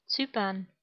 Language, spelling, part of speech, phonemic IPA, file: German, Zypern, proper noun, /ˈtsyːpɐn/, De-Zypern.ogg
- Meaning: Cyprus (an island and country in the Mediterranean Sea, normally considered politically part of Europe but geographically part of West Asia)